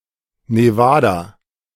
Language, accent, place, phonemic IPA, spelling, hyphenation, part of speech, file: German, Germany, Berlin, /neˈvaːda/, Nevada, Ne‧va‧da, proper noun, De-Nevada.ogg
- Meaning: Nevada (a state in the western United States)